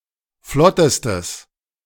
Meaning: strong/mixed nominative/accusative neuter singular superlative degree of flott
- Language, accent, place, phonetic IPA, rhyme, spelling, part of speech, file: German, Germany, Berlin, [ˈflɔtəstəs], -ɔtəstəs, flottestes, adjective, De-flottestes.ogg